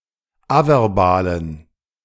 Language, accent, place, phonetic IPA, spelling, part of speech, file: German, Germany, Berlin, [ˈavɛʁˌbaːlən], averbalen, adjective, De-averbalen.ogg
- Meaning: inflection of averbal: 1. strong genitive masculine/neuter singular 2. weak/mixed genitive/dative all-gender singular 3. strong/weak/mixed accusative masculine singular 4. strong dative plural